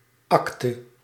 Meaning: 1. act (of a theatrical play) 2. legal instrument, deed 3. a certificate, a licence, a diploma or, in general, any official document that gives legal evidence to something
- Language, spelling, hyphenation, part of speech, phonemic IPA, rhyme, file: Dutch, akte, ak‧te, noun, /ˈɑk.tə/, -ɑktə, Nl-akte.ogg